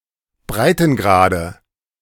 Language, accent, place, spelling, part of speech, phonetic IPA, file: German, Germany, Berlin, Breitengrade, noun, [ˈbʁaɪ̯tn̩ˌɡʁaːdə], De-Breitengrade.ogg
- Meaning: nominative/accusative/genitive plural of Breitengrad